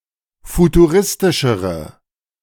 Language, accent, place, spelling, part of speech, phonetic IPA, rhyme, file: German, Germany, Berlin, futuristischere, adjective, [futuˈʁɪstɪʃəʁə], -ɪstɪʃəʁə, De-futuristischere.ogg
- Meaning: inflection of futuristisch: 1. strong/mixed nominative/accusative feminine singular comparative degree 2. strong nominative/accusative plural comparative degree